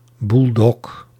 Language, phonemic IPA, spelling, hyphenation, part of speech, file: Dutch, /ˈbul.dɔɡ/, bulldog, bull‧dog, noun, Nl-bulldog.ogg
- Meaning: alternative form of buldog